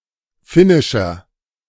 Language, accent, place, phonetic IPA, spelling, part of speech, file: German, Germany, Berlin, [ˈfɪnɪʃɐ], finnischer, adjective, De-finnischer.ogg
- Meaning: inflection of finnisch: 1. strong/mixed nominative masculine singular 2. strong genitive/dative feminine singular 3. strong genitive plural